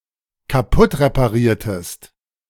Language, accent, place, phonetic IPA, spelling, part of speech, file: German, Germany, Berlin, [kaˈpʊtʁepaˌʁiːɐ̯təst], kaputtrepariertest, verb, De-kaputtrepariertest.ogg
- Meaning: inflection of kaputtreparieren: 1. second-person singular dependent preterite 2. second-person singular dependent subjunctive II